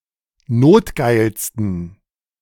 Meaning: 1. superlative degree of notgeil 2. inflection of notgeil: strong genitive masculine/neuter singular superlative degree
- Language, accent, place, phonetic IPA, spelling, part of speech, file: German, Germany, Berlin, [ˈnoːtˌɡaɪ̯lstn̩], notgeilsten, adjective, De-notgeilsten.ogg